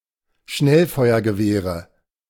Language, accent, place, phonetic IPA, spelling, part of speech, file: German, Germany, Berlin, [ˈʃnɛlfɔɪ̯ɐɡəˌveːʁə], Schnellfeuergewehre, noun, De-Schnellfeuergewehre.ogg
- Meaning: nominative/accusative/genitive plural of Schnellfeuergewehr